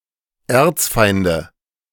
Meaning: nominative/accusative/genitive plural of Erzfeind
- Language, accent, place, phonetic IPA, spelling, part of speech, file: German, Germany, Berlin, [ˈɛɐ̯t͡sˌfaɪ̯ndə], Erzfeinde, noun, De-Erzfeinde.ogg